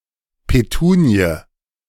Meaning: petunia, Petunia
- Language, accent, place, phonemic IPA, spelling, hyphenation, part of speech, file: German, Germany, Berlin, /peˈtuːni̯ə/, Petunie, Pe‧tu‧nie, noun, De-Petunie.ogg